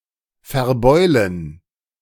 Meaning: to dent
- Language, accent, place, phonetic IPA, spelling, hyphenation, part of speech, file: German, Germany, Berlin, [fɛɐ̯ˈbɔɪ̯lən], verbeulen, ver‧beu‧len, verb, De-verbeulen.ogg